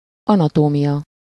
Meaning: 1. anatomy (the science of dissecting a body) 2. anatomy (the structure of the (human) body)
- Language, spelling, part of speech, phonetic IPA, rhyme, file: Hungarian, anatómia, noun, [ˈɒnɒtoːmijɒ], -jɒ, Hu-anatómia.ogg